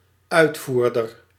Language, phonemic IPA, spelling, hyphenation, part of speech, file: Dutch, /ˈœytfurdər/, uitvoerder, uit‧voer‧der, noun, Nl-uitvoerder.ogg
- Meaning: 1. performer, mostly used in the performing of building projects, foreman 2. exporter